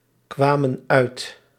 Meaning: inflection of uitkomen: 1. plural past indicative 2. plural past subjunctive
- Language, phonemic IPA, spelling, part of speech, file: Dutch, /ˈkwamə(n) ˈœyt/, kwamen uit, verb, Nl-kwamen uit.ogg